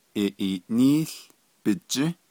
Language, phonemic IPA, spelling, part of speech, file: Navajo, /ʔɪ̀ʔìːʔníːɬ pɪ̀t͡ʃĩ́/, iʼiiʼnííł bijį́, noun, Nv-iʼiiʼnííł bijį́.ogg
- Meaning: voting day, election day